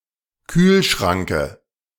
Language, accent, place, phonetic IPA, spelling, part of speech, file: German, Germany, Berlin, [ˈkyːlˌʃʁaŋkə], Kühlschranke, noun, De-Kühlschranke.ogg
- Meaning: dative singular of Kühlschrank